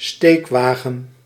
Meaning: hand truck
- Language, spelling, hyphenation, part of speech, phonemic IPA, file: Dutch, steekwagen, steek‧wa‧gen, noun, /ˈsteːkˌʋaː.ɣə(n)/, Nl-steekwagen.ogg